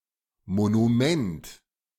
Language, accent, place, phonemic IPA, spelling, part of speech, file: German, Germany, Berlin, /ˌmonuˈmɛnt/, Monument, noun, De-Monument.ogg
- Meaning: monument